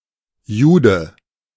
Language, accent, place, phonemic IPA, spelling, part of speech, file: German, Germany, Berlin, /ˈjuːdə/, Jude, noun, De-Jude.ogg
- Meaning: Jew